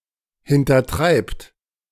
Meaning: inflection of hintertreiben: 1. third-person singular present 2. second-person plural present 3. plural imperative
- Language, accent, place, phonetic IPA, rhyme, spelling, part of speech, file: German, Germany, Berlin, [hɪntɐˈtʁaɪ̯pt], -aɪ̯pt, hintertreibt, verb, De-hintertreibt.ogg